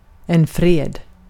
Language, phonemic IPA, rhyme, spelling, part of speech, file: Swedish, /freːd/, -eːd, fred, noun, Sv-fred.ogg
- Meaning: 1. peace 2. a peace treaty